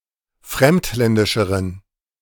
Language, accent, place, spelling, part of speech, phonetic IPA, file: German, Germany, Berlin, fremdländischeren, adjective, [ˈfʁɛmtˌlɛndɪʃəʁən], De-fremdländischeren.ogg
- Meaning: inflection of fremdländisch: 1. strong genitive masculine/neuter singular comparative degree 2. weak/mixed genitive/dative all-gender singular comparative degree